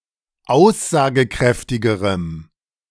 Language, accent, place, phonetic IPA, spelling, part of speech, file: German, Germany, Berlin, [ˈaʊ̯szaːɡəˌkʁɛftɪɡəʁəm], aussagekräftigerem, adjective, De-aussagekräftigerem.ogg
- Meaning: strong dative masculine/neuter singular comparative degree of aussagekräftig